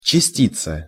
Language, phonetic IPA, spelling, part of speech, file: Russian, [t͡ɕɪˈsʲtʲit͡sə], частица, noun, Ru-частица.ogg
- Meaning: 1. fraction (of), (little) part (of) 2. particle